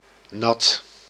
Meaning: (adjective) wet; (noun) moisture
- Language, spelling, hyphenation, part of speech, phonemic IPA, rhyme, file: Dutch, nat, nat, adjective / noun, /nɑt/, -ɑt, Nl-nat.ogg